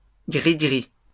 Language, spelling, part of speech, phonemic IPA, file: French, grigri, noun, /ɡʁi.ɡʁi/, LL-Q150 (fra)-grigri.wav
- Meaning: charm, fetish, gris-gris